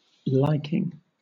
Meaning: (verb) present participle and gerund of like; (noun) 1. A like; a predilection 2. Approval
- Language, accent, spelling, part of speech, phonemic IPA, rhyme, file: English, Southern England, liking, verb / noun, /ˈlaɪkɪŋ/, -aɪkɪŋ, LL-Q1860 (eng)-liking.wav